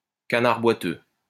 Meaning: lame duck (person or thing that is helpless, inefficient or disabled)
- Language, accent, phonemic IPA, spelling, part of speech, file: French, France, /ka.naʁ bwa.tø/, canard boiteux, noun, LL-Q150 (fra)-canard boiteux.wav